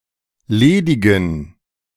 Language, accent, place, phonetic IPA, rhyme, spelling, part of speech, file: German, Germany, Berlin, [ˈleːdɪɡn̩], -eːdɪɡn̩, ledigen, adjective, De-ledigen.ogg
- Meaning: inflection of ledig: 1. strong genitive masculine/neuter singular 2. weak/mixed genitive/dative all-gender singular 3. strong/weak/mixed accusative masculine singular 4. strong dative plural